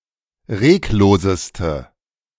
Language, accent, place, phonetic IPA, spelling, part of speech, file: German, Germany, Berlin, [ˈʁeːkˌloːzəstə], regloseste, adjective, De-regloseste.ogg
- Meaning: inflection of reglos: 1. strong/mixed nominative/accusative feminine singular superlative degree 2. strong nominative/accusative plural superlative degree